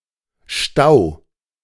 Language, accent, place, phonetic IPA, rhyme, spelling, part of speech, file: German, Germany, Berlin, [ʃtaʊ̯], -aʊ̯, stau, verb, De-stau.ogg
- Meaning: 1. singular imperative of stauen 2. first-person singular present of stauen